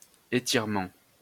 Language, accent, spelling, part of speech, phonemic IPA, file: French, France, étirement, noun, /e.tiʁ.mɑ̃/, LL-Q150 (fra)-étirement.wav
- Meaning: stretch (act of stretching, all senses)